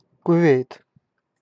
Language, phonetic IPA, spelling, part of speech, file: Russian, [kʊˈvʲejt], Кувейт, proper noun, Ru-Кувейт.ogg
- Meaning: 1. Kuwait (a country in West Asia in the Middle East) 2. Kuwait City (the capital city of Kuwait)